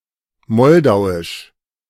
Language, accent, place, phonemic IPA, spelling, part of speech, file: German, Germany, Berlin, /ˈmɔldaʊ̯ɪʃ/, moldauisch, adjective, De-moldauisch.ogg
- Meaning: Moldovan